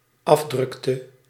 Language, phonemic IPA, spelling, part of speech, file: Dutch, /ˈɑvdrʏktə/, afdrukte, verb, Nl-afdrukte.ogg
- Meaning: inflection of afdrukken: 1. singular dependent-clause past indicative 2. singular dependent-clause past subjunctive